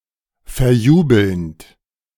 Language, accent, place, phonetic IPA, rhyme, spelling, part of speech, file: German, Germany, Berlin, [fɛɐ̯ˈjuːbl̩nt], -uːbl̩nt, verjubelnd, verb, De-verjubelnd.ogg
- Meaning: present participle of verjubeln